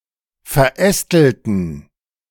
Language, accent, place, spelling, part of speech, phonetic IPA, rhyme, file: German, Germany, Berlin, verästelten, adjective / verb, [fɛɐ̯ˈʔɛstl̩tn̩], -ɛstl̩tn̩, De-verästelten.ogg
- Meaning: inflection of verästelt: 1. strong genitive masculine/neuter singular 2. weak/mixed genitive/dative all-gender singular 3. strong/weak/mixed accusative masculine singular 4. strong dative plural